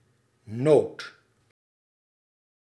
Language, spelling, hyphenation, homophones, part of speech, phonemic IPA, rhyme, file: Dutch, nood, nood, noot, noun, /noːt/, -oːt, Nl-nood.ogg
- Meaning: 1. emergency, crisis, distress (often used in compounds) 2. need